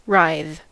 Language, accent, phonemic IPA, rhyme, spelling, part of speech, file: English, US, /ɹaɪð/, -aɪð, writhe, verb / noun, En-us-writhe.ogg
- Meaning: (verb) 1. To twist, wring (something) 2. To contort (a part of the body) 3. To twist bodily; to contort one's self; to be distorted 4. To extort; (noun) A contortion